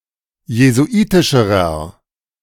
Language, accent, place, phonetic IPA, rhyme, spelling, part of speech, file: German, Germany, Berlin, [jezuˈʔiːtɪʃəʁɐ], -iːtɪʃəʁɐ, jesuitischerer, adjective, De-jesuitischerer.ogg
- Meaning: inflection of jesuitisch: 1. strong/mixed nominative masculine singular comparative degree 2. strong genitive/dative feminine singular comparative degree 3. strong genitive plural comparative degree